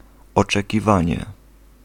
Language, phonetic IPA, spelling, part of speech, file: Polish, [ˌɔt͡ʃɛciˈvãɲɛ], oczekiwanie, noun, Pl-oczekiwanie.ogg